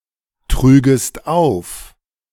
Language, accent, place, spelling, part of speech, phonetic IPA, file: German, Germany, Berlin, trügest auf, verb, [ˌtʁyːɡəst ˈaʊ̯f], De-trügest auf.ogg
- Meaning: second-person singular subjunctive II of auftragen